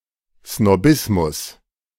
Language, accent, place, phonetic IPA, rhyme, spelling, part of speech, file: German, Germany, Berlin, [snoˈbɪsmʊs], -ɪsmʊs, Snobismus, noun, De-Snobismus.ogg
- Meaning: snobbery